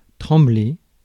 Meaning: to tremble, shake
- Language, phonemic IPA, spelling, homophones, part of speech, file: French, /tʁɑ̃.ble/, trembler, tremblai / tremblé / tremblez, verb, Fr-trembler.ogg